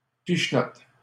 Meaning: 1. flick 2. a French Canadian tabletop game in which players attempt to flick each other's round pieces off the board
- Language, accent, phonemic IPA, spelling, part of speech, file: French, Canada, /piʃ.nɔt/, pichenotte, noun, LL-Q150 (fra)-pichenotte.wav